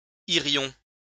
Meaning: first-person plural conditional of aller
- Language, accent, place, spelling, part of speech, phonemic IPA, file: French, France, Lyon, irions, verb, /i.ʁjɔ̃/, LL-Q150 (fra)-irions.wav